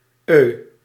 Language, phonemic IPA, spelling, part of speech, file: Dutch, /ə/, euh, interjection, Nl-euh.ogg
- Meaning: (interjection) 1. er, erm, um, uh; used as a space filler or pause during conversation 2. er, erm, um, uh; used to express hesitation, confusion, or doubt